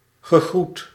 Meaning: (interjection) greetings (when arriving), goodbye (when leaving); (verb) past participle of groeten
- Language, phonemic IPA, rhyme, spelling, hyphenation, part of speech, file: Dutch, /ɣəˈɣrut/, -ut, gegroet, ge‧groet, interjection / verb, Nl-gegroet.ogg